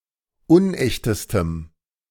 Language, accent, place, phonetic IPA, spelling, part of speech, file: German, Germany, Berlin, [ˈʊnˌʔɛçtəstəm], unechtestem, adjective, De-unechtestem.ogg
- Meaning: strong dative masculine/neuter singular superlative degree of unecht